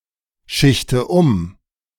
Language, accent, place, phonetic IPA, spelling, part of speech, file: German, Germany, Berlin, [ˌʃɪçtə ˈʊm], schichte um, verb, De-schichte um.ogg
- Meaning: inflection of umschichten: 1. first-person singular present 2. first/third-person singular subjunctive I 3. singular imperative